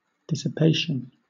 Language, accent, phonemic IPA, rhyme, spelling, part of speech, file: English, Southern England, /ˌdɪsɪˈpeɪʃən/, -eɪʃən, dissipation, noun, LL-Q1860 (eng)-dissipation.wav
- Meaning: The act of dissipating or dispersing; a state of dispersion or separation; dispersion; waste